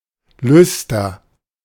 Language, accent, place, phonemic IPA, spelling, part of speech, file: German, Germany, Berlin, /ˈlʏstɐ/, Lüster, noun, De-Lüster.ogg
- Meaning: 1. synonym of Kronleuchter (“chandelier”) 2. a shining, metallic coating on ceramics etc